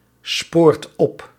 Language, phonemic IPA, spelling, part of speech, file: Dutch, /ˈsport ˈɔp/, spoort op, verb, Nl-spoort op.ogg
- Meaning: inflection of opsporen: 1. second/third-person singular present indicative 2. plural imperative